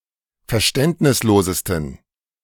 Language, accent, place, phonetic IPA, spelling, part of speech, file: German, Germany, Berlin, [fɛɐ̯ˈʃtɛntnɪsˌloːzəstn̩], verständnislosesten, adjective, De-verständnislosesten.ogg
- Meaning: 1. superlative degree of verständnislos 2. inflection of verständnislos: strong genitive masculine/neuter singular superlative degree